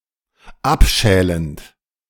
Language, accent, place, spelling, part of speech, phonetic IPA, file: German, Germany, Berlin, abschälend, verb, [ˈapˌʃɛːlənt], De-abschälend.ogg
- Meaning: present participle of abschälen